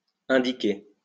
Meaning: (verb) past participle of indiquer; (adjective) 1. appropriate 2. relevant
- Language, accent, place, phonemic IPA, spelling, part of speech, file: French, France, Lyon, /ɛ̃.di.ke/, indiqué, verb / adjective, LL-Q150 (fra)-indiqué.wav